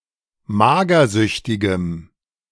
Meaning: strong dative masculine/neuter singular of magersüchtig
- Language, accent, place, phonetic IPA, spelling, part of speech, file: German, Germany, Berlin, [ˈmaːɡɐˌzʏçtɪɡəm], magersüchtigem, adjective, De-magersüchtigem.ogg